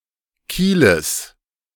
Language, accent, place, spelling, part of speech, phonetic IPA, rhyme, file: German, Germany, Berlin, Kieles, noun, [ˈkiːləs], -iːləs, De-Kieles.ogg
- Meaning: genitive singular of Kiel